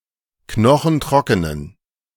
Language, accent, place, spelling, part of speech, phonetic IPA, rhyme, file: German, Germany, Berlin, knochentrockenen, adjective, [ˈknɔxn̩ˈtʁɔkənən], -ɔkənən, De-knochentrockenen.ogg
- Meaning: inflection of knochentrocken: 1. strong genitive masculine/neuter singular 2. weak/mixed genitive/dative all-gender singular 3. strong/weak/mixed accusative masculine singular 4. strong dative plural